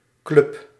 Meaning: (noun) 1. club (an association of members joining together for some common purpose, especially sports or recreation) 2. club (an implement to hit the ball in certain ball games, such as golf)
- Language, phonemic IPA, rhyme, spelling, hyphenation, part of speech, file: Dutch, /klʏp/, -ʏp, club, club, noun / verb, Nl-club.ogg